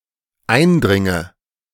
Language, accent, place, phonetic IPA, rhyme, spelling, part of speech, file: German, Germany, Berlin, [ˈaɪ̯nˌdʁɪŋə], -aɪ̯ndʁɪŋə, eindringe, verb, De-eindringe.ogg
- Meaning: inflection of eindringen: 1. first-person singular dependent present 2. first/third-person singular dependent subjunctive I